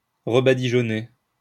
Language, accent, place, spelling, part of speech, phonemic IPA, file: French, France, Lyon, rebadigeonner, verb, /ʁə.ba.di.ʒɔ.ne/, LL-Q150 (fra)-rebadigeonner.wav
- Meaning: to smear or whitewash again